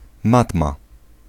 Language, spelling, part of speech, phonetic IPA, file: Polish, matma, noun, [ˈmatma], Pl-matma.ogg